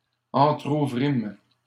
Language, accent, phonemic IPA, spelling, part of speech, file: French, Canada, /ɑ̃.tʁu.vʁim/, entrouvrîmes, verb, LL-Q150 (fra)-entrouvrîmes.wav
- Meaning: first-person plural past historic of entrouvrir